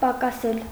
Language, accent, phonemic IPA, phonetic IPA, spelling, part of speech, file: Armenian, Eastern Armenian, /pɑkɑˈsel/, [pɑkɑsél], պակասել, verb, Hy-պակասել.ogg
- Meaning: 1. to lessen, to diminish, to decrease; to fall, to go down, to be reduced; to recede, to subside 2. to feel short of, to lack, be in want of